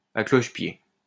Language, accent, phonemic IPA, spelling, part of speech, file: French, France, /a klɔʃ.pje/, à cloche-pied, adverb, LL-Q150 (fra)-à cloche-pied.wav
- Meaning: while hopping on one leg